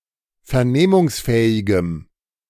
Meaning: strong dative masculine/neuter singular of vernehmungsfähig
- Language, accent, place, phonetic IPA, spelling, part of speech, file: German, Germany, Berlin, [fɛɐ̯ˈneːmʊŋsˌfɛːɪɡəm], vernehmungsfähigem, adjective, De-vernehmungsfähigem.ogg